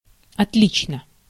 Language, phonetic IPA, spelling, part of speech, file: Russian, [ɐtˈlʲit͡ɕnə], отлично, adverb / adjective, Ru-отлично.ogg
- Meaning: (adverb) 1. very good, very well, excellently, perfectly 2. differently, in a different way; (adjective) short neuter singular of отли́чный (otlíčnyj)